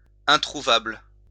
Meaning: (adjective) 1. unfindable, nowhere to be found 2. unobtainable or nonexistent 3. elusive, rare; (noun) something unobtainable
- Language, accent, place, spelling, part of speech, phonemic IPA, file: French, France, Lyon, introuvable, adjective / noun, /ɛ̃.tʁu.vabl/, LL-Q150 (fra)-introuvable.wav